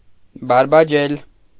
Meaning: to talk nonsense, to prattle
- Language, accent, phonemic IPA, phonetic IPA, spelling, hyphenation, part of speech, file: Armenian, Eastern Armenian, /bɑɾbɑˈd͡ʒel/, [bɑɾbɑd͡ʒél], բարբաջել, բար‧բա‧ջել, verb, Hy-բարբաջել.ogg